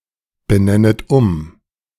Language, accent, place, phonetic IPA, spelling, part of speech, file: German, Germany, Berlin, [bəˌnɛnət ˈʊm], benennet um, verb, De-benennet um.ogg
- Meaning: second-person plural subjunctive I of umbenennen